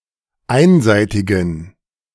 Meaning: inflection of einseitig: 1. strong genitive masculine/neuter singular 2. weak/mixed genitive/dative all-gender singular 3. strong/weak/mixed accusative masculine singular 4. strong dative plural
- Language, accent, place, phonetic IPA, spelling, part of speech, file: German, Germany, Berlin, [ˈaɪ̯nˌzaɪ̯tɪɡn̩], einseitigen, adjective, De-einseitigen.ogg